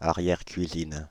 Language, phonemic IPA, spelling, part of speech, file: French, /a.ʁjɛʁ.kɥi.zin/, arrière-cuisine, noun, Fr-arrière-cuisine.ogg
- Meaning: 1. back kitchen 2. scullery